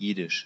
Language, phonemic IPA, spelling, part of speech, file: German, /jɪdɪʃ/, jiddisch, adjective, De-jiddisch.ogg
- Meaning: Yiddish (of or pertaining to the Yiddish language)